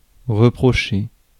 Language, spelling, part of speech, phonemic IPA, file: French, reprocher, verb, /ʁə.pʁɔ.ʃe/, Fr-reprocher.ogg
- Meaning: to blame somebody for something (place blame upon)